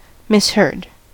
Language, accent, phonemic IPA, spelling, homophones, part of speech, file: English, US, /ˈmɪs.hɝd/, misheard, misherd, verb, En-us-misheard.ogg
- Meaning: simple past and past participle of mishear